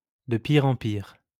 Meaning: worse and worse
- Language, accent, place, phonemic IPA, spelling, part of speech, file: French, France, Lyon, /də pi.ʁ‿ɑ̃ piʁ/, de pire en pire, adverb, LL-Q150 (fra)-de pire en pire.wav